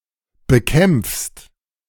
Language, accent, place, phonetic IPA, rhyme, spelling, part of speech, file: German, Germany, Berlin, [bəˈkɛmp͡fst], -ɛmp͡fst, bekämpfst, verb, De-bekämpfst.ogg
- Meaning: second-person singular present of bekämpfen